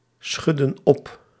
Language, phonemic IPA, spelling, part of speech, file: Dutch, /ˈsxʏdə(n) ˈɔp/, schudden op, verb, Nl-schudden op.ogg
- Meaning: inflection of opschudden: 1. plural past indicative 2. plural past subjunctive